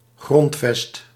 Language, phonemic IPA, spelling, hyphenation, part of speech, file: Dutch, /ˈɣrɔnt.fɛst/, grondvest, grond‧vest, noun, Nl-grondvest.ogg
- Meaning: 1. foundation, principle 2. foundation of an edifice